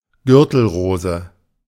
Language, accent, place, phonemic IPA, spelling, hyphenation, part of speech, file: German, Germany, Berlin, /ˈɡʏʁtl̩ˌʁoːzə/, Gürtelrose, Gür‧tel‧ro‧se, noun, De-Gürtelrose.ogg
- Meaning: shingles (herpes zoster)